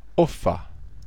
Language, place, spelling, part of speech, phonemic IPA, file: German, Bavaria, offen, adjective / adverb, /ˈɔfən/, BY-offen.ogg
- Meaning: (adjective) 1. open 2. frank, candid 3. honest, sincere; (adverb) openly